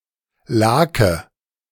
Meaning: brine (saltwater used for pickling)
- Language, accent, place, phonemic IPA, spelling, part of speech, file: German, Germany, Berlin, /ˈlaːkə/, Lake, noun, De-Lake.ogg